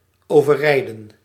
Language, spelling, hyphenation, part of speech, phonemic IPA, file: Dutch, overrijden, over‧rij‧den, verb, /ˌoː.vəˈrɛi̯.də(n)/, Nl-overrijden.ogg
- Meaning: to run over